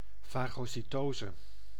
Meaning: phagocytosis
- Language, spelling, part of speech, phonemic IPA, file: Dutch, fagocytose, noun, /ˌfɑɣosiˈtozə/, Nl-fagocytose.ogg